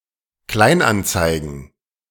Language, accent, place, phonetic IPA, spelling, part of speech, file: German, Germany, Berlin, [ˈklaɪ̯nʔanˌt͡saɪ̯ɡn̩], Kleinanzeigen, noun, De-Kleinanzeigen.ogg
- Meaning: plural of Kleinanzeige